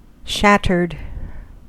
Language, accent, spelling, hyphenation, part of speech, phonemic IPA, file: English, US, shattered, shat‧tered, verb / adjective, /ˈʃætɚd/, En-us-shattered.ogg
- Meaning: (verb) simple past and past participle of shatter; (adjective) 1. Physically broken into pieces 2. Emotionally defeated or dispirited 3. Extremely tired or exhausted